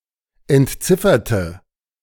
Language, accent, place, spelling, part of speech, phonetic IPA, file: German, Germany, Berlin, entzifferte, adjective / verb, [ɛntˈt͡sɪfɐtə], De-entzifferte.ogg
- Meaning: inflection of entziffern: 1. first/third-person singular preterite 2. first/third-person singular subjunctive II